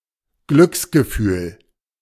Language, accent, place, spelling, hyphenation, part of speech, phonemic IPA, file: German, Germany, Berlin, Glücksgefühl, Glücks‧ge‧fühl, noun, /ˈɡlʏksɡəˌfyːl/, De-Glücksgefühl.ogg
- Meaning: feeling of happiness, euphoria